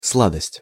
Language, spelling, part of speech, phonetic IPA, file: Russian, сладость, noun, [ˈsɫadəsʲtʲ], Ru-сладость.ogg
- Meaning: 1. sweetness 2. sweets, sweetmeats, candies